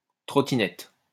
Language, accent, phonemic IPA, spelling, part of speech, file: French, France, /tʁɔ.ti.nɛt/, trottinette, noun, LL-Q150 (fra)-trottinette.wav
- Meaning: scooter (human-powered vehicle; a kick scooter)